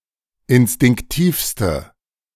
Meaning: inflection of instinktiv: 1. strong/mixed nominative/accusative feminine singular superlative degree 2. strong nominative/accusative plural superlative degree
- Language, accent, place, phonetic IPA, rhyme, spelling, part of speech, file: German, Germany, Berlin, [ɪnstɪŋkˈtiːfstə], -iːfstə, instinktivste, adjective, De-instinktivste.ogg